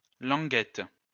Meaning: a small tongue-shaped object, such as the tongue of a shoe
- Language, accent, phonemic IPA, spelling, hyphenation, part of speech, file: French, France, /lɑ̃.ɡɛt/, languette, lan‧guette, noun, LL-Q150 (fra)-languette.wav